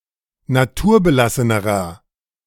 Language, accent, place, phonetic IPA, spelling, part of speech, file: German, Germany, Berlin, [naˈtuːɐ̯bəˌlasənəʁɐ], naturbelassenerer, adjective, De-naturbelassenerer.ogg
- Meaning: inflection of naturbelassen: 1. strong/mixed nominative masculine singular comparative degree 2. strong genitive/dative feminine singular comparative degree